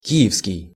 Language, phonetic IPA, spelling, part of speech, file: Russian, [ˈkʲi(j)ɪfskʲɪj], киевский, adjective, Ru-киевский.ogg
- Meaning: Kyiv/Kiev; Kyivan/Kievan, Kyivite/Kievite